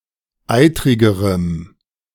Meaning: strong dative masculine/neuter singular comparative degree of eitrig
- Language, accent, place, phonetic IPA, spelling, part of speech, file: German, Germany, Berlin, [ˈaɪ̯tʁɪɡəʁəm], eitrigerem, adjective, De-eitrigerem.ogg